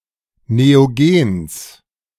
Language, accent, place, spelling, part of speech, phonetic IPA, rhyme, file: German, Germany, Berlin, Neogens, noun, [neoˈɡeːns], -eːns, De-Neogens.ogg
- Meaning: genitive singular of Neogen